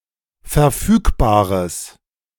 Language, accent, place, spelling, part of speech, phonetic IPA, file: German, Germany, Berlin, verfügbares, adjective, [fɛɐ̯ˈfyːkbaːʁəs], De-verfügbares.ogg
- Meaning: strong/mixed nominative/accusative neuter singular of verfügbar